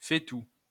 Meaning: stewpot (large cooking pot with handles and a lid)
- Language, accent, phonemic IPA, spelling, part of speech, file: French, France, /fɛ.tu/, fait-tout, noun, LL-Q150 (fra)-fait-tout.wav